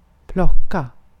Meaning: 1. to pick 2. to pluck (remove feathers from a chicken)
- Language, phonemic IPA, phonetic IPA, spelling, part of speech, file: Swedish, /²plɔka/, [²pl̪ɔkːa], plocka, verb, Sv-plocka.ogg